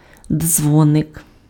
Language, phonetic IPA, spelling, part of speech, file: Ukrainian, [ˈd͡zwɔnek], дзвоник, noun, Uk-дзвоник.ogg
- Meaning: 1. bell 2. bellflower (plant of the genus Campanula)